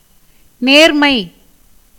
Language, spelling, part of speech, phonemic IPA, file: Tamil, நேர்மை, noun, /neːɾmɐɪ̯/, Ta-நேர்மை.ogg
- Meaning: 1. straightness, directness 2. faithfulness, fidelity, honesty 3. impartiality, justice, propriety 4. morality, virtue 5. fineness, thinness, minuteness 6. accuracy, exactness, correctness